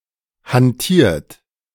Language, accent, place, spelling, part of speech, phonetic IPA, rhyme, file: German, Germany, Berlin, hantiert, verb, [hanˈtiːɐ̯t], -iːɐ̯t, De-hantiert.ogg
- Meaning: 1. past participle of hantieren 2. inflection of hantieren: second-person plural present 3. inflection of hantieren: third-person singular present 4. inflection of hantieren: plural imperative